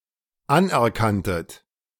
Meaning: second-person plural dependent preterite of anerkennen
- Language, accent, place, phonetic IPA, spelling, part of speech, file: German, Germany, Berlin, [ˈanʔɛɐ̯ˌkantət], anerkanntet, verb, De-anerkanntet.ogg